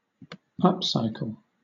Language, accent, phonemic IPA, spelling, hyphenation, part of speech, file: English, Southern England, /ˈʌpsaɪk(ə)l/, upcycle, up‧cy‧cle, verb / noun, LL-Q1860 (eng)-upcycle.wav
- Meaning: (verb) 1. To convert (waste materials, etc.) into new materials or products of higher quality and greater functionality 2. To promote into a more productive or useful role